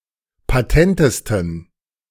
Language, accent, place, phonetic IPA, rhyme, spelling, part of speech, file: German, Germany, Berlin, [paˈtɛntəstn̩], -ɛntəstn̩, patentesten, adjective, De-patentesten.ogg
- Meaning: 1. superlative degree of patent 2. inflection of patent: strong genitive masculine/neuter singular superlative degree